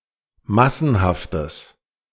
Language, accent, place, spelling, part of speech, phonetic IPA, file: German, Germany, Berlin, massenhaftes, adjective, [ˈmasn̩haftəs], De-massenhaftes.ogg
- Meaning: strong/mixed nominative/accusative neuter singular of massenhaft